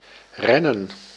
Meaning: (verb) to run, to move fast; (noun) plural of ren
- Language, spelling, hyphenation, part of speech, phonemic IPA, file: Dutch, rennen, ren‧nen, verb / noun, /rɛ.nə(n)/, Nl-rennen.ogg